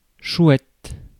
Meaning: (noun) owl (specifically, those species of owls without ear tufts; those with ear tufts are hiboux); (adjective) great, cool, swell; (interjection) Exclamation when one learns of something pleasing
- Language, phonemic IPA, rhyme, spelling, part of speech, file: French, /ʃwɛt/, -ɛt, chouette, noun / adjective / interjection, Fr-chouette.ogg